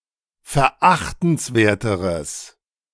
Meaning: strong/mixed nominative/accusative neuter singular comparative degree of verachtenswert
- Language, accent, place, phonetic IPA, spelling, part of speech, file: German, Germany, Berlin, [fɛɐ̯ˈʔaxtn̩sˌveːɐ̯təʁəs], verachtenswerteres, adjective, De-verachtenswerteres.ogg